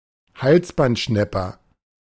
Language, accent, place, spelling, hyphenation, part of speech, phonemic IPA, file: German, Germany, Berlin, Halsbandschnäpper, Hals‧band‧schnäp‧per, noun, /ˈhalsbantˌʃnɛpɐ/, De-Halsbandschnäpper.ogg
- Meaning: the collared flycatcher (bird in the flycatcher family, Ficedula albicollis)